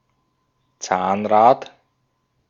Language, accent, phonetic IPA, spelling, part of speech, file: German, Austria, [ˈt͡saːnˌʁaːt], Zahnrad, noun, De-at-Zahnrad.ogg
- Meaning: gearwheel, cogwheel